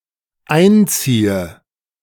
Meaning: inflection of einziehen: 1. first-person singular dependent present 2. first/third-person singular dependent subjunctive I
- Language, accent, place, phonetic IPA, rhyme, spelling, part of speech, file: German, Germany, Berlin, [ˈaɪ̯nˌt͡siːə], -aɪ̯nt͡siːə, einziehe, verb, De-einziehe.ogg